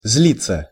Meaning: to be angry
- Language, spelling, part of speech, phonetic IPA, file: Russian, злиться, verb, [ˈz⁽ʲ⁾lʲit͡sːə], Ru-злиться.ogg